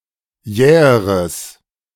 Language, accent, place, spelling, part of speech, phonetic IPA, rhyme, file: German, Germany, Berlin, jäheres, adjective, [ˈjɛːəʁəs], -ɛːəʁəs, De-jäheres.ogg
- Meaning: strong/mixed nominative/accusative neuter singular comparative degree of jäh